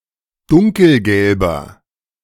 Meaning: inflection of dunkelgelb: 1. strong/mixed nominative masculine singular 2. strong genitive/dative feminine singular 3. strong genitive plural
- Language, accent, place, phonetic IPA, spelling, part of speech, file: German, Germany, Berlin, [ˈdʊŋkl̩ˌɡɛlbɐ], dunkelgelber, adjective, De-dunkelgelber.ogg